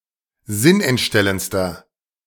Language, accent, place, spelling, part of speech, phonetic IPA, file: German, Germany, Berlin, sinnentstellendster, adjective, [ˈzɪnʔɛntˌʃtɛlənt͡stɐ], De-sinnentstellendster.ogg
- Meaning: inflection of sinnentstellend: 1. strong/mixed nominative masculine singular superlative degree 2. strong genitive/dative feminine singular superlative degree